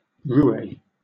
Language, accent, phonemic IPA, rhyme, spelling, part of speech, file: English, Southern England, /ˈɹuːeɪ/, -uːeɪ, roué, noun, LL-Q1860 (eng)-roué.wav
- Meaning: A debauched or lecherous person